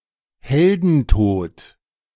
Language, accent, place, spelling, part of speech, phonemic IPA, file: German, Germany, Berlin, Heldentod, noun, /ˈhɛldn̩ˌtoːt/, De-Heldentod.ogg
- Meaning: heroic death; a hero's death